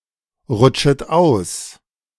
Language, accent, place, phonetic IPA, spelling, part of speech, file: German, Germany, Berlin, [ˌʁʊt͡ʃət ˈaʊ̯s], rutschet aus, verb, De-rutschet aus.ogg
- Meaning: second-person plural subjunctive I of ausrutschen